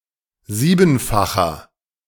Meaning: inflection of siebenfach: 1. strong/mixed nominative masculine singular 2. strong genitive/dative feminine singular 3. strong genitive plural
- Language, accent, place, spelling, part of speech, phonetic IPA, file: German, Germany, Berlin, siebenfacher, adjective, [ˈziːbn̩faxɐ], De-siebenfacher.ogg